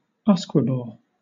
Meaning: Whiskey or whisky
- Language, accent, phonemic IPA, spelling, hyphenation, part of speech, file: English, Southern England, /ˈʌs.kwɪ.bɔː/, usquebaugh, us‧que‧baugh, noun, LL-Q1860 (eng)-usquebaugh.wav